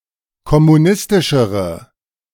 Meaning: inflection of kommunistisch: 1. strong/mixed nominative/accusative feminine singular comparative degree 2. strong nominative/accusative plural comparative degree
- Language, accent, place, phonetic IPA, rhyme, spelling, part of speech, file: German, Germany, Berlin, [kɔmuˈnɪstɪʃəʁə], -ɪstɪʃəʁə, kommunistischere, adjective, De-kommunistischere.ogg